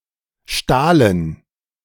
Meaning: first/third-person plural preterite of stehlen
- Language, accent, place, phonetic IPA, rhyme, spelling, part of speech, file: German, Germany, Berlin, [ˈʃtaːlən], -aːlən, stahlen, verb, De-stahlen.ogg